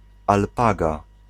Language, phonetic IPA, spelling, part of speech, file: Polish, [alˈpaɡa], alpaga, noun, Pl-alpaga.ogg